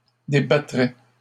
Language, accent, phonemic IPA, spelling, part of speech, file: French, Canada, /de.ba.tʁɛ/, débattrait, verb, LL-Q150 (fra)-débattrait.wav
- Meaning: third-person singular conditional of débattre